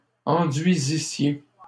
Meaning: second-person plural imperfect subjunctive of enduire
- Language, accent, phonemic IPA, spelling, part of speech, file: French, Canada, /ɑ̃.dɥi.zi.sje/, enduisissiez, verb, LL-Q150 (fra)-enduisissiez.wav